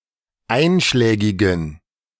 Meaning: inflection of einschlägig: 1. strong genitive masculine/neuter singular 2. weak/mixed genitive/dative all-gender singular 3. strong/weak/mixed accusative masculine singular 4. strong dative plural
- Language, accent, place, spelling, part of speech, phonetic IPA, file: German, Germany, Berlin, einschlägigen, adjective, [ˈaɪ̯nʃlɛːɡɪɡn̩], De-einschlägigen.ogg